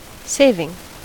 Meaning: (noun) 1. A reduction in cost or expenditure 2. Something (usually money) that is saved, particularly money that has been set aside for the future 3. The action of the verb to save
- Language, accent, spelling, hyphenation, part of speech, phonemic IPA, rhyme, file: English, US, saving, sa‧ving, noun / verb / adjective / preposition, /ˈseɪ.vɪŋ/, -eɪvɪŋ, En-us-saving.ogg